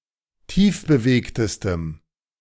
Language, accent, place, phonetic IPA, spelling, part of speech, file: German, Germany, Berlin, [ˈtiːfbəˌveːktəstəm], tiefbewegtestem, adjective, De-tiefbewegtestem.ogg
- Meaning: strong dative masculine/neuter singular superlative degree of tiefbewegt